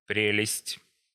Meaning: 1. charm, fascination 2. delights 3. prelest, spiritual delusion, deception, conceit
- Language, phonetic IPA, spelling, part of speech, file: Russian, [ˈprʲelʲɪsʲtʲ], прелесть, noun, Ru-прелесть.ogg